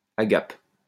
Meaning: agape
- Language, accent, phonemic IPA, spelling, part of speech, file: French, France, /a.ɡap/, agape, noun, LL-Q150 (fra)-agape.wav